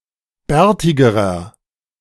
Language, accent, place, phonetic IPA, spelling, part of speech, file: German, Germany, Berlin, [ˈbɛːɐ̯tɪɡəʁɐ], bärtigerer, adjective, De-bärtigerer.ogg
- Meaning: inflection of bärtig: 1. strong/mixed nominative masculine singular comparative degree 2. strong genitive/dative feminine singular comparative degree 3. strong genitive plural comparative degree